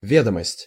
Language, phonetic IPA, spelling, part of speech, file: Russian, [ˈvʲedəməsʲtʲ], ведомость, noun, Ru-ведомость.ogg
- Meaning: 1. list, register, roll, statement 2. gazette, bulletin